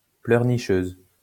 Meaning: female equivalent of pleurnicheur
- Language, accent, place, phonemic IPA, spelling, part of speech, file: French, France, Lyon, /plœʁ.ni.ʃøz/, pleurnicheuse, noun, LL-Q150 (fra)-pleurnicheuse.wav